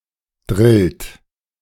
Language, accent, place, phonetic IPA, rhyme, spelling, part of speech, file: German, Germany, Berlin, [dʁɪlt], -ɪlt, drillt, verb, De-drillt.ogg
- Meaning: inflection of drillen: 1. second-person plural present 2. third-person singular present 3. plural imperative